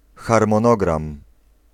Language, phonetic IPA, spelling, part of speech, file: Polish, [ˌxarmɔ̃ˈnɔɡrãm], harmonogram, noun, Pl-harmonogram.ogg